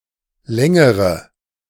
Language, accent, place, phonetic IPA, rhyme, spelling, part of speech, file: German, Germany, Berlin, [ˈlɛŋəʁə], -ɛŋəʁə, längere, adjective / verb, De-längere.ogg
- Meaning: inflection of lang: 1. strong/mixed nominative/accusative feminine singular comparative degree 2. strong nominative/accusative plural comparative degree